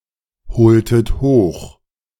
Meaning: inflection of bezeugend: 1. strong/mixed nominative/accusative feminine singular 2. strong nominative/accusative plural 3. weak nominative all-gender singular
- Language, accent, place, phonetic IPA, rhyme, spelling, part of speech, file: German, Germany, Berlin, [bəˈt͡sɔɪ̯ɡn̩də], -ɔɪ̯ɡn̩də, bezeugende, adjective, De-bezeugende.ogg